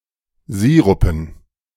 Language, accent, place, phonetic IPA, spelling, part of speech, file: German, Germany, Berlin, [ˈziːʁʊpn̩], Sirupen, noun, De-Sirupen.ogg
- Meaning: dative plural of Sirup